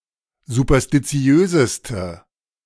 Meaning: inflection of superstitiös: 1. strong/mixed nominative/accusative feminine singular superlative degree 2. strong nominative/accusative plural superlative degree
- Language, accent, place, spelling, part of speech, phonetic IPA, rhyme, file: German, Germany, Berlin, superstitiöseste, adjective, [zupɐstiˈt͡si̯øːzəstə], -øːzəstə, De-superstitiöseste.ogg